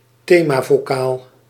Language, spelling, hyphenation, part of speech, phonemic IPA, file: Dutch, themavocaal, the‧ma‧vo‧caal, noun, /ˈteː.maː.voːˌkaːl/, Nl-themavocaal.ogg
- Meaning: a thematic vowel, a theme vowel